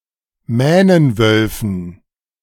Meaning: dative plural of Mähnenwolf
- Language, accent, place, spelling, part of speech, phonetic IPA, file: German, Germany, Berlin, Mähnenwölfen, noun, [ˈmɛːnənˌvœlfn̩], De-Mähnenwölfen.ogg